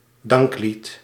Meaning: a song of thanksgiving
- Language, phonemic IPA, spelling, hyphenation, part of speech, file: Dutch, /ˈdɑŋk.lit/, danklied, dank‧lied, noun, Nl-danklied.ogg